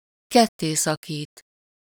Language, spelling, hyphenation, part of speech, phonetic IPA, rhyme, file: Hungarian, kettészakít, ket‧té‧sza‧kít, verb, [ˈkɛtːeːsɒkiːt], -iːt, Hu-kettészakít.ogg
- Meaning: to tear in half, tear in two